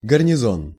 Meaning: garrison
- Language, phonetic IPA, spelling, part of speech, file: Russian, [ɡərnʲɪˈzon], гарнизон, noun, Ru-гарнизон.ogg